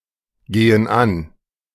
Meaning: inflection of angehen: 1. first/third-person plural present 2. first/third-person plural subjunctive I
- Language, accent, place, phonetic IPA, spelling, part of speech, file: German, Germany, Berlin, [ˌɡeːən ˈan], gehen an, verb, De-gehen an.ogg